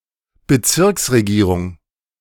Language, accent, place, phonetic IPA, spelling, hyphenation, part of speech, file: German, Germany, Berlin, [bəˈt͡sɪʁksʁeˌɡiːʁʊŋ], Bezirksregierung, Be‧zirks‧re‧gie‧rung, noun, De-Bezirksregierung.ogg
- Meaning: administration of a Regierungsbezirk (kind of district)